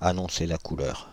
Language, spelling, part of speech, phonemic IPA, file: French, annoncer la couleur, verb, /a.nɔ̃.se la ku.lœʁ/, Fr-annoncer la couleur.ogg
- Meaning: to set the rhythm, to set the tone; to show one's hand, to put one's cards on the table; to be a clear indication on what's coming next